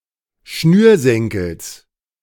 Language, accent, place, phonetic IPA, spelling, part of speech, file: German, Germany, Berlin, [ˈʃnyːɐ̯ˌsɛŋkl̩s], Schnürsenkels, noun, De-Schnürsenkels.ogg
- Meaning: genitive singular of Schnürsenkel